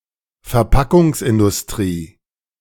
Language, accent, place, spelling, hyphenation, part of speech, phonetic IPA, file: German, Germany, Berlin, Verpackungsindustrie, Ver‧pa‧ckungs‧in‧dus‧t‧rie, noun, [fɛɐ̯ˈpakʊŋsʔɪndʊsˌtʁiː], De-Verpackungsindustrie.ogg
- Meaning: packaging industry